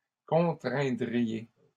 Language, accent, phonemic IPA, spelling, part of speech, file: French, Canada, /kɔ̃.tʁɛ̃.dʁi.je/, contraindriez, verb, LL-Q150 (fra)-contraindriez.wav
- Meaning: second-person plural conditional of contraindre